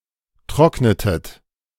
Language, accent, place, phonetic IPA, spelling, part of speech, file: German, Germany, Berlin, [ˈtʁɔknətət], trocknetet, verb, De-trocknetet.ogg
- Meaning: inflection of trocknen: 1. second-person plural preterite 2. second-person plural subjunctive II